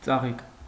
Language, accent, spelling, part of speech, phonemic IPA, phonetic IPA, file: Armenian, Eastern Armenian, ծաղիկ, noun, /t͡sɑˈʁik/, [t͡sɑʁík], Hy-ծաղիկ.ogg
- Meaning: 1. flower 2. the pick, the cream, the best part 3. smallpox